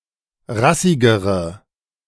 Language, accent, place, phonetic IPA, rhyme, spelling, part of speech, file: German, Germany, Berlin, [ˈʁasɪɡəʁə], -asɪɡəʁə, rassigere, adjective, De-rassigere.ogg
- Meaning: inflection of rassig: 1. strong/mixed nominative/accusative feminine singular comparative degree 2. strong nominative/accusative plural comparative degree